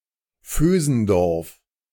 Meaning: a municipality of Lower Austria, Austria
- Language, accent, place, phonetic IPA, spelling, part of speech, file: German, Germany, Berlin, [ˈføːzn̩ˌdɔʁf], Vösendorf, proper noun, De-Vösendorf.ogg